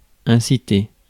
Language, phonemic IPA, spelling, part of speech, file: French, /ɛ̃.si.te/, inciter, verb, Fr-inciter.ogg
- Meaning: to urge; to impel